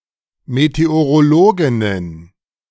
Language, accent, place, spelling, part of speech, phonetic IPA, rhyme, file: German, Germany, Berlin, Meteorologinnen, noun, [meteoʁoˈloːɡɪnən], -oːɡɪnən, De-Meteorologinnen.ogg
- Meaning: plural of Meteorologin